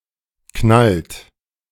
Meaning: inflection of knallen: 1. second-person plural present 2. third-person singular present 3. plural imperative
- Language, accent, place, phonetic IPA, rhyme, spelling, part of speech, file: German, Germany, Berlin, [knalt], -alt, knallt, verb, De-knallt.ogg